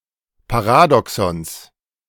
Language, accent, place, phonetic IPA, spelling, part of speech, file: German, Germany, Berlin, [paˈʁaːdɔksɔns], Paradoxons, noun, De-Paradoxons.ogg
- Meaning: genitive of Paradoxon